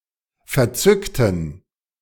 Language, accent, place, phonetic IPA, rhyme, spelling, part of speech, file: German, Germany, Berlin, [fɛɐ̯ˈt͡sʏktn̩], -ʏktn̩, verzückten, adjective / verb, De-verzückten.ogg
- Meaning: inflection of verzückt: 1. strong genitive masculine/neuter singular 2. weak/mixed genitive/dative all-gender singular 3. strong/weak/mixed accusative masculine singular 4. strong dative plural